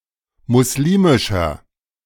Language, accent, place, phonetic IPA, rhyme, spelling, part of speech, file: German, Germany, Berlin, [mʊsˈliːmɪʃɐ], -iːmɪʃɐ, muslimischer, adjective, De-muslimischer.ogg
- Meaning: inflection of muslimisch: 1. strong/mixed nominative masculine singular 2. strong genitive/dative feminine singular 3. strong genitive plural